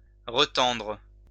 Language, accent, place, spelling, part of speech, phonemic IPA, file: French, France, Lyon, retendre, verb, /ʁə.tɑ̃dʁ/, LL-Q150 (fra)-retendre.wav
- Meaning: to re-tighten